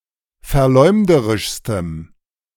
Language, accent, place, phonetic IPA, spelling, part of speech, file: German, Germany, Berlin, [fɛɐ̯ˈlɔɪ̯mdəʁɪʃstəm], verleumderischstem, adjective, De-verleumderischstem.ogg
- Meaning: strong dative masculine/neuter singular superlative degree of verleumderisch